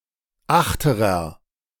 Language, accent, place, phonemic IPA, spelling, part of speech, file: German, Germany, Berlin, /ˈaxtəʁɐ/, achterer, adjective, De-achterer.ogg
- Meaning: aft, stern (in the back of the ship)